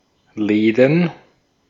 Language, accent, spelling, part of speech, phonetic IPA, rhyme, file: German, Austria, Läden, noun, [ˈlɛːdn̩], -ɛːdn̩, De-at-Läden.ogg
- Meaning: plural of Laden